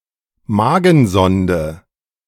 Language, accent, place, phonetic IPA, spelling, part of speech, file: German, Germany, Berlin, [ˈmaːɡn̩ˌzɔndə], Magensonde, noun, De-Magensonde.ogg
- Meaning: feeding tube, stomach tube